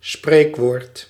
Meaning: saying, proverb
- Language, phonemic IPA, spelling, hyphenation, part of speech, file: Dutch, /ˈspreːk.ʋoːrt/, spreekwoord, spreek‧woord, noun, Nl-spreekwoord.ogg